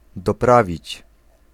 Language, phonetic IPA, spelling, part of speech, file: Polish, [dɔˈpravʲit͡ɕ], doprawić, verb, Pl-doprawić.ogg